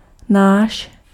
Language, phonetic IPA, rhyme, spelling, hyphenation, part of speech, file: Czech, [ˈnaːʃ], -aːʃ, náš, náš, pronoun, Cs-náš.ogg
- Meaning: our, ours